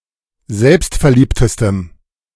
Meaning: strong dative masculine/neuter singular superlative degree of selbstverliebt
- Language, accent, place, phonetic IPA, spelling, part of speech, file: German, Germany, Berlin, [ˈzɛlpstfɛɐ̯ˌliːptəstəm], selbstverliebtestem, adjective, De-selbstverliebtestem.ogg